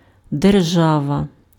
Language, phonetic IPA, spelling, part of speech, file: Ukrainian, [derˈʒaʋɐ], держава, noun, Uk-держава.ogg
- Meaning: 1. state, country, nation 2. estate, possession 3. strength 4. power